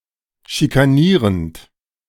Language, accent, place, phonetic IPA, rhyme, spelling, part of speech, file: German, Germany, Berlin, [ʃikaˈniːʁənt], -iːʁənt, schikanierend, verb, De-schikanierend.ogg
- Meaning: present participle of schikanieren